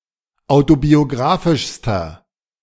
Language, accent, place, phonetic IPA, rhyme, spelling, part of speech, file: German, Germany, Berlin, [ˌaʊ̯tobioˈɡʁaːfɪʃstɐ], -aːfɪʃstɐ, autobiographischster, adjective, De-autobiographischster.ogg
- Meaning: inflection of autobiographisch: 1. strong/mixed nominative masculine singular superlative degree 2. strong genitive/dative feminine singular superlative degree